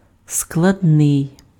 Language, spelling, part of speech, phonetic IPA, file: Ukrainian, складний, adjective, [skɫɐdˈnɪi̯], Uk-складний.ogg
- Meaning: complex, complicated